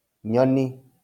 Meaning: bird
- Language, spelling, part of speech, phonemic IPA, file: Kikuyu, nyoni, noun, /ɲɔ̀nì(ꜜ)/, LL-Q33587 (kik)-nyoni.wav